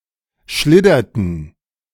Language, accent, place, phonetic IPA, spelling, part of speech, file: German, Germany, Berlin, [ˈʃlɪdɐtn̩], schlidderten, verb, De-schlidderten.ogg
- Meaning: inflection of schliddern: 1. first/third-person plural preterite 2. first/third-person plural subjunctive II